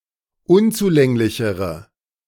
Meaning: inflection of unzulänglich: 1. strong/mixed nominative/accusative feminine singular comparative degree 2. strong nominative/accusative plural comparative degree
- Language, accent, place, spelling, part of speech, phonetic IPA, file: German, Germany, Berlin, unzulänglichere, adjective, [ˈʊnt͡suˌlɛŋlɪçəʁə], De-unzulänglichere.ogg